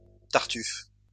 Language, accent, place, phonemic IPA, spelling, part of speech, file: French, France, Lyon, /taʁ.tyf/, tartufe, noun / adjective, LL-Q150 (fra)-tartufe.wav
- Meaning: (noun) hypocrite; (adjective) hypocritical